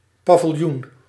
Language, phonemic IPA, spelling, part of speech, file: Dutch, /pavɪlˈjun/, paviljoen, noun, Nl-paviljoen.ogg
- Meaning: 1. pavilion 2. hospital ward